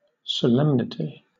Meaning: 1. The quality of being deeply serious and sober or solemn 2. An instance or example of solemn behavior; a rite or ceremony performed with reverence
- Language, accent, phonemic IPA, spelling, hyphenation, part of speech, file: English, Southern England, /səˈlɛmnɪti/, solemnity, so‧lem‧ni‧ty, noun, LL-Q1860 (eng)-solemnity.wav